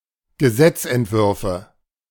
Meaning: nominative/accusative/genitive plural of Gesetzentwurf
- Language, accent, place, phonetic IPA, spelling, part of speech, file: German, Germany, Berlin, [ɡəˈzɛt͡sʔɛntˌvʏʁfə], Gesetzentwürfe, noun, De-Gesetzentwürfe.ogg